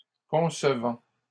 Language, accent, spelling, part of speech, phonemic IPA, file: French, Canada, concevant, verb, /kɔ̃s.vɑ̃/, LL-Q150 (fra)-concevant.wav
- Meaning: present participle of concevoir